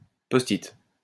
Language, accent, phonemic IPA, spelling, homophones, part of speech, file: French, France, /pɔs.tit/, post-it, posthite, noun, LL-Q150 (fra)-post-it.wav
- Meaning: post-it note, post-it